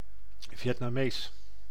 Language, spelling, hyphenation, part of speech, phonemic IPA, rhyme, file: Dutch, Vietnamees, Viet‧na‧mees, adjective / noun / proper noun, /ˌvjɛt.naːˈmeːs/, -eːs, Nl-Vietnamees.ogg
- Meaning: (adjective) Vietnamese; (noun) Vietnamese person; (proper noun) Vietnamese (language)